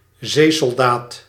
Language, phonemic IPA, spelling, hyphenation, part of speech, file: Dutch, /ˈzeː.sɔlˌdaːt/, zeesoldaat, zee‧sol‧daat, noun, Nl-zeesoldaat.ogg
- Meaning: marine, soldier operating at sea